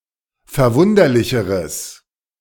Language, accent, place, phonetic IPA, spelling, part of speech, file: German, Germany, Berlin, [fɛɐ̯ˈvʊndɐlɪçəʁəs], verwunderlicheres, adjective, De-verwunderlicheres.ogg
- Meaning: strong/mixed nominative/accusative neuter singular comparative degree of verwunderlich